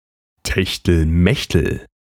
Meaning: hanky-panky (love affair)
- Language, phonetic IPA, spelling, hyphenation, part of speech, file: German, [tɛçtəlˈmɛçtəl], Techtelmechtel, Tech‧tel‧mech‧tel, noun, De-Techtelmechtel.ogg